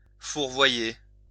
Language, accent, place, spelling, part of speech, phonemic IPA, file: French, France, Lyon, fourvoyer, verb, /fuʁ.vwa.je/, LL-Q150 (fra)-fourvoyer.wav
- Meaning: 1. to mislead 2. to make a mistake, go astray, err 3. to cloak